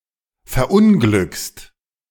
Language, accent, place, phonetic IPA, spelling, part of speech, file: German, Germany, Berlin, [fɛɐ̯ˈʔʊnɡlʏkst], verunglückst, verb, De-verunglückst.ogg
- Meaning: second-person singular present of verunglücken